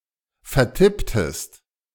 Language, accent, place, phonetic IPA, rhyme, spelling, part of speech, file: German, Germany, Berlin, [fɛɐ̯ˈtɪptəst], -ɪptəst, vertipptest, verb, De-vertipptest.ogg
- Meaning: inflection of vertippen: 1. second-person singular preterite 2. second-person singular subjunctive II